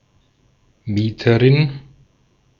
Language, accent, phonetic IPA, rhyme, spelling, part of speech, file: German, Austria, [ˈmiːtəʁɪn], -iːtəʁɪn, Mieterin, noun, De-at-Mieterin.ogg
- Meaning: female equivalent of Mieter (“tenant”)